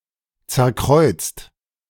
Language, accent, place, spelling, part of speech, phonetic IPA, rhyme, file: German, Germany, Berlin, zerkreuzt, verb, [ˌt͡sɛɐ̯ˈkʁɔɪ̯t͡st], -ɔɪ̯t͡st, De-zerkreuzt.ogg
- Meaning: 1. past participle of zerkreuzen 2. inflection of zerkreuzen: second-person plural present 3. inflection of zerkreuzen: third-person singular present 4. inflection of zerkreuzen: plural imperative